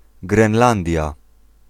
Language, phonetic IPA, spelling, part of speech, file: Polish, [ɡrɛ̃nˈlãndʲja], Grenlandia, proper noun, Pl-Grenlandia.ogg